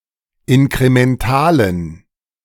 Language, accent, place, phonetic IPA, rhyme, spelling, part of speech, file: German, Germany, Berlin, [ɪnkʁemɛnˈtaːlən], -aːlən, inkrementalen, adjective, De-inkrementalen.ogg
- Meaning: inflection of inkremental: 1. strong genitive masculine/neuter singular 2. weak/mixed genitive/dative all-gender singular 3. strong/weak/mixed accusative masculine singular 4. strong dative plural